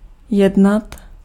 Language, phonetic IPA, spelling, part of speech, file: Czech, [ˈjɛdnat], jednat, verb, Cs-jednat.ogg
- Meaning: 1. to act 2. to negotiate, to treat 3. to concern, to be about